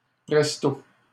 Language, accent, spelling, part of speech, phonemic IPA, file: French, Canada, presto, adverb, /pʁɛs.to/, LL-Q150 (fra)-presto.wav
- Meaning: 1. presto 2. quickly